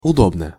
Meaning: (adverb) 1. comfortably, snugly 2. conveniently; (adjective) short neuter singular of удо́бный (udóbnyj)
- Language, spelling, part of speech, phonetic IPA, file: Russian, удобно, adverb / adjective, [ʊˈdobnə], Ru-удобно.ogg